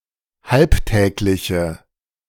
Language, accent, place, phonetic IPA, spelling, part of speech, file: German, Germany, Berlin, [ˈhalpˌtɛːklɪçə], halbtägliche, adjective, De-halbtägliche.ogg
- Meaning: inflection of halbtäglich: 1. strong/mixed nominative/accusative feminine singular 2. strong nominative/accusative plural 3. weak nominative all-gender singular